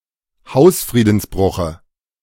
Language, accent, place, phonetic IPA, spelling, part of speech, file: German, Germany, Berlin, [ˈhaʊ̯sfʁiːdn̩sˌbʁʊxə], Hausfriedensbruche, noun, De-Hausfriedensbruche.ogg
- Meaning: dative singular of Hausfriedensbruch